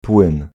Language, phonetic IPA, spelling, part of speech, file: Polish, [pwɨ̃n], płyn, noun, Pl-płyn.ogg